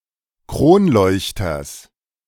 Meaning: genitive singular of Kronleuchter
- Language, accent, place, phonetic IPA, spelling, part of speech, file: German, Germany, Berlin, [ˈkʁoːnˌlɔɪ̯çtɐs], Kronleuchters, noun, De-Kronleuchters.ogg